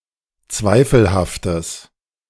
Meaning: strong/mixed nominative/accusative neuter singular of zweifelhaft
- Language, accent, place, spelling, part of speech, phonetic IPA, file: German, Germany, Berlin, zweifelhaftes, adjective, [ˈt͡svaɪ̯fl̩haftəs], De-zweifelhaftes.ogg